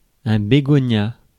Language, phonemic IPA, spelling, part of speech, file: French, /be.ɡɔ.nja/, bégonia, noun, Fr-bégonia.ogg
- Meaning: begonia (large genus of plants of the family Begoniaceae)